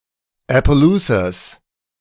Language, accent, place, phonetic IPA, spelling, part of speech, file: German, Germany, Berlin, [ɛpəˈluːsas], Appaloosas, noun, De-Appaloosas.ogg
- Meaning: genitive singular of Appaloosa